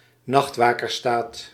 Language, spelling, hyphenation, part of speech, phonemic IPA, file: Dutch, nachtwakersstaat, nacht‧wa‧kers‧staat, noun, /ˈnɑxt.ʋaː.kərˌstaːt/, Nl-nachtwakersstaat.ogg
- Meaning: night watchman state